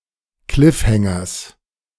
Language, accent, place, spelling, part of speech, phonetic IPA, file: German, Germany, Berlin, Cliffhangers, noun, [ˈklɪfˌhɛŋɐs], De-Cliffhangers.ogg
- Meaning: genitive of Cliffhanger